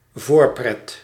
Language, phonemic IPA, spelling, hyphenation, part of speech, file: Dutch, /ˈvoːr.prɛt/, voorpret, voor‧pret, noun, Nl-voorpret.ogg
- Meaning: joy or pleasure ahead and in anticipation of the actual fun event